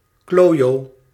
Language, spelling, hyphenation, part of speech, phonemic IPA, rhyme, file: Dutch, klojo, klo‧jo, noun, /ˈkloː.joː/, -oːjoː, Nl-klojo.ogg
- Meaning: a jerk, a git (objectionable person)